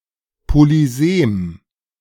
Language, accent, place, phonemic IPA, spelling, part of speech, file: German, Germany, Berlin, /polyˈzeːm/, Polysem, noun, De-Polysem.ogg
- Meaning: polyseme